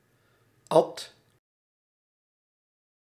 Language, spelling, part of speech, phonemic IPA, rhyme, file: Dutch, at, verb, /ɑt/, -ɑt, Nl-at.ogg
- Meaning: 1. singular past indicative of eten 2. inflection of atten: first/second/third-person singular present indicative 3. inflection of atten: imperative